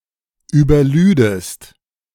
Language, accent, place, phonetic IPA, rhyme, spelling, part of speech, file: German, Germany, Berlin, [yːbɐˈlyːdəst], -yːdəst, überlüdest, verb, De-überlüdest.ogg
- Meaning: second-person singular subjunctive II of überladen